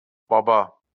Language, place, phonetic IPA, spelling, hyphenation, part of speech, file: Azerbaijani, Baku, [bɑˈbɑ], baba, ba‧ba, noun, LL-Q9292 (aze)-baba.wav
- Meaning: 1. grandfather 2. term of address for old men 3. father